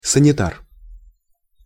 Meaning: orderly, hospital attendant, male nurse, corpsman, paramedic, aidman
- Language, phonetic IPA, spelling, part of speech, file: Russian, [sənʲɪˈtar], санитар, noun, Ru-санитар.ogg